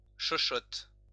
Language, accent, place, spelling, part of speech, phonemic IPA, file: French, France, Lyon, chochotte, noun, /ʃɔ.ʃɔt/, LL-Q150 (fra)-chochotte.wav
- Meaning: 1. sissy, wimp, wuss, pansy 2. pansy (effeminate homosexual)